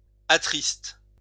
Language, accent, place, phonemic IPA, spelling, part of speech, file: French, France, Lyon, /a.tʁist/, attriste, verb, LL-Q150 (fra)-attriste.wav
- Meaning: inflection of attrister: 1. first/third-person singular present indicative/subjunctive 2. second-person singular imperative